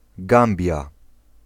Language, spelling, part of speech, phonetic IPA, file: Polish, Gambia, proper noun, [ˈɡãmbʲja], Pl-Gambia.ogg